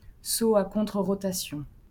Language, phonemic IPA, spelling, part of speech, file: French, /ʁɔ.ta.sjɔ̃/, rotation, noun, LL-Q150 (fra)-rotation.wav
- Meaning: rotation